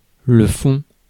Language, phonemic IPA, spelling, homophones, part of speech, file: French, /fɔ̃/, fond, font, noun / verb, Fr-fond.ogg
- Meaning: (noun) 1. back 2. bottom 3. fund; funding 4. foundation 5. content 6. essence 7. background 8. base 9. foundation stop on a pipe organ; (verb) third-person singular present indicative of fondre